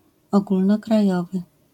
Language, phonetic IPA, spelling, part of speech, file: Polish, [ˌɔɡulnɔkraˈjɔvɨ], ogólnokrajowy, adjective, LL-Q809 (pol)-ogólnokrajowy.wav